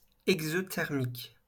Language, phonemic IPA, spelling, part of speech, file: French, /ɛɡ.zɔ.tɛʁ.mik/, exothermique, adjective, LL-Q150 (fra)-exothermique.wav
- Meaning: exothermic